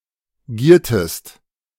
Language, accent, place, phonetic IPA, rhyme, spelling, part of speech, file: German, Germany, Berlin, [ˈɡiːɐ̯təst], -iːɐ̯təst, giertest, verb, De-giertest.ogg
- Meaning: inflection of gieren: 1. second-person singular preterite 2. second-person singular subjunctive II